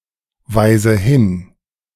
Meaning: inflection of hinweisen: 1. first-person singular present 2. first/third-person singular subjunctive I 3. singular imperative
- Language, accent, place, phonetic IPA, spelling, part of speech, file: German, Germany, Berlin, [ˌvaɪ̯zə ˈhɪn], weise hin, verb, De-weise hin.ogg